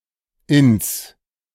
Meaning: contraction of in (“(in)to”) + das (“the”) (accusative singular neuter)
- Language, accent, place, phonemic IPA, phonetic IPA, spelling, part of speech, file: German, Germany, Berlin, /ɪns/, [ʔɪns], ins, contraction, De-ins.ogg